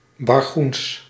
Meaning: Bargoens (a Dutch cant)
- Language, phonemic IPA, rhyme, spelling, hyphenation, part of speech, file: Dutch, /bɑrˈɣuns/, -uns, Bargoens, Bar‧goens, proper noun, Nl-Bargoens.ogg